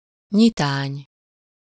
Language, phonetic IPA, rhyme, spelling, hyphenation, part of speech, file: Hungarian, [ˈɲitaːɲ], -aːɲ, nyitány, nyi‧tány, noun, Hu-nyitány.ogg
- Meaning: 1. overture (a musical introduction to a piece of music) 2. prelude, opening event/act/episode (a forerunner to anything, an indicator of approaching events)